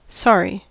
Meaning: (adjective) 1. Regretful or apologetic for one's actions 2. Grieved or saddened, especially by the loss of something or someone 3. Poor, pitifully sad or regrettable
- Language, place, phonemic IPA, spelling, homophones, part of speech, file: English, California, /ˈsɑɹi/, sorry, sari, adjective / interjection / noun / verb, En-us-sorry.ogg